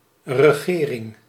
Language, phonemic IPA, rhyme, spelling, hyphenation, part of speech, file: Dutch, /rəˈɣeː.rɪŋ/, -eːrɪŋ, regering, re‧ge‧ring, noun, Nl-regering.ogg
- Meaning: 1. governing (act of; ruling a state or similar political entity) 2. government (a governing council: especially the executive branch of government) 3. rule, reign (of a prince etc.)